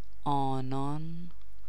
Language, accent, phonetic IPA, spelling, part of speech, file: Persian, Iran, [ʔɒː.nɒːn], آنان, pronoun, Fa-آنان.ogg
- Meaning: they, those people (specifically of humans)